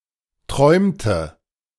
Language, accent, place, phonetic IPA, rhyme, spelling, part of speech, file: German, Germany, Berlin, [ˈtʁɔɪ̯mtə], -ɔɪ̯mtə, träumte, verb, De-träumte.ogg
- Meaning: inflection of träumen: 1. first/third-person singular preterite 2. first/third-person singular subjunctive II